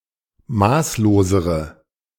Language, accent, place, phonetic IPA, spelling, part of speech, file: German, Germany, Berlin, [ˈmaːsloːzəʁə], maßlosere, adjective, De-maßlosere.ogg
- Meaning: inflection of maßlos: 1. strong/mixed nominative/accusative feminine singular comparative degree 2. strong nominative/accusative plural comparative degree